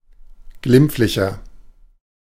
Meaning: 1. comparative degree of glimpflich 2. inflection of glimpflich: strong/mixed nominative masculine singular 3. inflection of glimpflich: strong genitive/dative feminine singular
- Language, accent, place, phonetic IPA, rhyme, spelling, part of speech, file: German, Germany, Berlin, [ˈɡlɪmp͡flɪçɐ], -ɪmp͡flɪçɐ, glimpflicher, adjective, De-glimpflicher.ogg